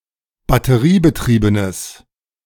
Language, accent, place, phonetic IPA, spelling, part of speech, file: German, Germany, Berlin, [batəˈʁiːbəˌtʁiːbənəs], batteriebetriebenes, adjective, De-batteriebetriebenes.ogg
- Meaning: strong/mixed nominative/accusative neuter singular of batteriebetrieben